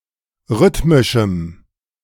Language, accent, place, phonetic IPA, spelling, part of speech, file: German, Germany, Berlin, [ˈʁʏtmɪʃm̩], rhythmischem, adjective, De-rhythmischem.ogg
- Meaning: strong dative masculine/neuter singular of rhythmisch